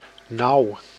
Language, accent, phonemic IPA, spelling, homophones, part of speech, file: Dutch, Netherlands, /nɑu̯/, nauw, nou, adjective / noun, Nl-nauw.ogg
- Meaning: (adjective) 1. narrow 2. close; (noun) strait